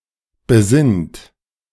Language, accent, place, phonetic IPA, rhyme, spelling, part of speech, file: German, Germany, Berlin, [bəˈzɪnt], -ɪnt, besinnt, verb, De-besinnt.ogg
- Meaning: inflection of besinnen: 1. third-person singular present 2. second-person plural present 3. plural imperative